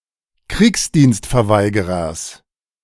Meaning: genitive singular of Kriegsdienstverweigerer
- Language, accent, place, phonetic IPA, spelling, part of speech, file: German, Germany, Berlin, [ˈkʁiːksdiːnstfɛɐ̯ˌvaɪ̯ɡəʁɐs], Kriegsdienstverweigerers, noun, De-Kriegsdienstverweigerers.ogg